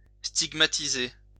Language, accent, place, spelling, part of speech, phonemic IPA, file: French, France, Lyon, stigmatiser, verb, /stiɡ.ma.ti.ze/, LL-Q150 (fra)-stigmatiser.wav
- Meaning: 1. to stigmatize (to mark with a permanent identity mark branded, cut or tattooed onto the skin) 2. to blame, to criticize